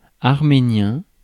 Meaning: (adjective) Armenian; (noun) Armenian language
- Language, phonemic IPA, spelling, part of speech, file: French, /aʁ.me.njɛ̃/, arménien, adjective / noun, Fr-arménien.ogg